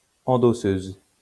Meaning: female equivalent of endosseur
- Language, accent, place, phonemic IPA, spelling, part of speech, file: French, France, Lyon, /ɑ̃.dɔ.søz/, endosseuse, noun, LL-Q150 (fra)-endosseuse.wav